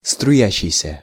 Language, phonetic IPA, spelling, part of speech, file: Russian, [strʊˈjæɕːɪjsʲə], струящийся, verb, Ru-струящийся.ogg
- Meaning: present active imperfective participle of струи́ться (struítʹsja)